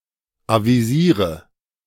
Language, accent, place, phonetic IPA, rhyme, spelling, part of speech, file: German, Germany, Berlin, [ˌaviˈziːʁə], -iːʁə, avisiere, verb, De-avisiere.ogg
- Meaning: inflection of avisieren: 1. first-person singular present 2. first/third-person singular subjunctive I 3. singular imperative